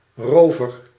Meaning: robber
- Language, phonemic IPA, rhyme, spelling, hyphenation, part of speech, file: Dutch, /ˈroː.vər/, -oːvər, rover, ro‧ver, noun, Nl-rover.ogg